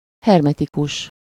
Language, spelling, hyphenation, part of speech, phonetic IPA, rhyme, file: Hungarian, hermetikus, her‧me‧ti‧kus, adjective, [ˈhɛrmɛtikuʃ], -uʃ, Hu-hermetikus.ogg
- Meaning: hermetic